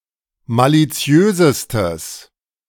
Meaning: strong/mixed nominative/accusative neuter singular superlative degree of maliziös
- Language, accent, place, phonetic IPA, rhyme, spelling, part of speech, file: German, Germany, Berlin, [ˌmaliˈt͡si̯øːzəstəs], -øːzəstəs, maliziösestes, adjective, De-maliziösestes.ogg